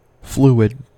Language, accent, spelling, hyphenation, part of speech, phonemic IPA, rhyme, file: English, US, fluid, flu‧id, noun / adjective, /ˈflu.ɪd/, -uːɪd, En-us-fluid.ogg
- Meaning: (noun) Any substance which can flow with relative ease, tends to assume the shape of its container, and obeys Bernoulli's principle; a liquid, gas or plasma